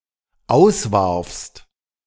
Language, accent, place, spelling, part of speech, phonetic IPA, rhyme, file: German, Germany, Berlin, auswarfst, verb, [ˈaʊ̯sˌvaʁfst], -aʊ̯svaʁfst, De-auswarfst.ogg
- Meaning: second-person singular dependent preterite of auswerfen